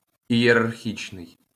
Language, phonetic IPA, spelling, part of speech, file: Ukrainian, [ijerɐrˈxʲit͡ʃnei̯], ієрархічний, adjective, LL-Q8798 (ukr)-ієрархічний.wav
- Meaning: hierarchical